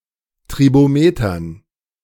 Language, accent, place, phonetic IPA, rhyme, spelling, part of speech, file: German, Germany, Berlin, [tʁiboˈmeːtɐn], -eːtɐn, Tribometern, noun, De-Tribometern.ogg
- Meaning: dative plural of Tribometer